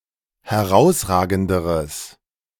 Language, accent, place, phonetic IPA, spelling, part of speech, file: German, Germany, Berlin, [hɛˈʁaʊ̯sˌʁaːɡn̩dəʁəs], herausragenderes, adjective, De-herausragenderes.ogg
- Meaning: strong/mixed nominative/accusative neuter singular comparative degree of herausragend